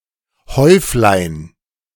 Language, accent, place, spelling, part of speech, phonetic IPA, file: German, Germany, Berlin, Häuflein, noun, [ˈhɔɪ̯flaɪ̯n], De-Häuflein.ogg
- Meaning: diminutive of Haufen